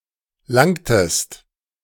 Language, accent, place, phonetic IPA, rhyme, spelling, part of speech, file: German, Germany, Berlin, [ˈlaŋtəst], -aŋtəst, langtest, verb, De-langtest.ogg
- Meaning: inflection of langen: 1. second-person singular preterite 2. second-person singular subjunctive II